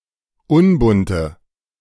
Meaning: inflection of unbunt: 1. strong/mixed nominative/accusative feminine singular 2. strong nominative/accusative plural 3. weak nominative all-gender singular 4. weak accusative feminine/neuter singular
- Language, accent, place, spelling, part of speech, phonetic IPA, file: German, Germany, Berlin, unbunte, adjective, [ˈʊnbʊntə], De-unbunte.ogg